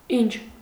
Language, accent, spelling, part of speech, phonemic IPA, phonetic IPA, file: Armenian, Eastern Armenian, ինչ, pronoun / determiner / conjunction, /int͡ʃʰ/, [int͡ʃʰ], Hy-ինչ.ogg
- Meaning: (pronoun) 1. what? (interrogative pronoun) 2. what (indefinite pronoun) 3. something, some kind of thing, whatever thing, anything, everything (indefinite pronoun)